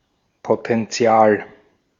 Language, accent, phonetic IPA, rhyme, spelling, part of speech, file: German, Austria, [potɛnˈt͡si̯aːl], -aːl, Potential, noun, De-at-Potential.ogg
- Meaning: alternative spelling of Potenzial